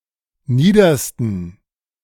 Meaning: 1. superlative degree of nieder 2. inflection of nieder: strong genitive masculine/neuter singular superlative degree
- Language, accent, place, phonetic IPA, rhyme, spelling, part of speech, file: German, Germany, Berlin, [ˈniːdɐstn̩], -iːdɐstn̩, niedersten, adjective, De-niedersten.ogg